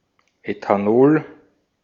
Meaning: ethanol
- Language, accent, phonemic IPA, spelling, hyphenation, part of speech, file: German, Austria, /ˌetaˈnoːl/, Ethanol, Etha‧nol, noun, De-at-Ethanol.ogg